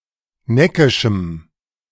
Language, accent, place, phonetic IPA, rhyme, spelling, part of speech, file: German, Germany, Berlin, [ˈnɛkɪʃm̩], -ɛkɪʃm̩, neckischem, adjective, De-neckischem.ogg
- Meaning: strong dative masculine/neuter singular of neckisch